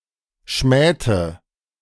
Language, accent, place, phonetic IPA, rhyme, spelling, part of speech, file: German, Germany, Berlin, [ˈʃmɛːtə], -ɛːtə, schmähte, verb, De-schmähte.ogg
- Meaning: inflection of schmähen: 1. first/third-person singular preterite 2. first/third-person singular subjunctive II